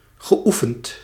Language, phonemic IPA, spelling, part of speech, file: Dutch, /ɣəˈʔufənt/, geoefend, verb / adjective, Nl-geoefend.ogg
- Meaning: past participle of oefenen